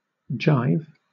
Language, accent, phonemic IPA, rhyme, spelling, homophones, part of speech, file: English, Southern England, /ˈd͡ʒaɪv/, -aɪv, jive, gyve, verb / noun / adjective, LL-Q1860 (eng)-jive.wav
- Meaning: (verb) 1. To deceive; to be deceptive 2. To dance, originally to jive or swing music; later, to jazz, rock and roll, rhythm and blues, disco, etc 3. To speak in jive (jazz or hipster slang)